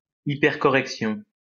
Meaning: hypercorrection
- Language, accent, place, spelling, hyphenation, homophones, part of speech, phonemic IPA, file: French, France, Lyon, hypercorrection, hy‧per‧cor‧rec‧tion, hypercorrections, noun, /i.pɛʁ.kɔ.ʁɛk.sjɔ̃/, LL-Q150 (fra)-hypercorrection.wav